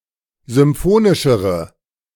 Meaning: inflection of symphonisch: 1. strong/mixed nominative/accusative feminine singular comparative degree 2. strong nominative/accusative plural comparative degree
- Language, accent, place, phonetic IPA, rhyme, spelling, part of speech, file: German, Germany, Berlin, [zʏmˈfoːnɪʃəʁə], -oːnɪʃəʁə, symphonischere, adjective, De-symphonischere.ogg